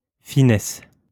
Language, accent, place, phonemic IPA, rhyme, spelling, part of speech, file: French, France, Lyon, /fi.nɛs/, -ɛs, finesse, noun, LL-Q150 (fra)-finesse.wav
- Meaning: 1. fineness (of hair, writing etc.) 2. thinness 3. keenness, sharpness (of blade) 4. fineness, delicacy; slenderness 5. perceptiveness; sensitivity, finesse